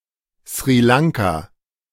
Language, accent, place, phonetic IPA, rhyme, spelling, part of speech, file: German, Germany, Berlin, [sʁiː ˈlaŋka], -aŋka, Sri Lanka, proper noun, De-Sri Lanka.ogg
- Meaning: Sri Lanka (an island and country in South Asia, off the coast of India)